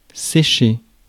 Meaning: 1. to dry 2. to play truant 3. to dry up, to run out of things to say 4. to fail
- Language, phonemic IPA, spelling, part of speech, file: French, /se.ʃe/, sécher, verb, Fr-sécher.ogg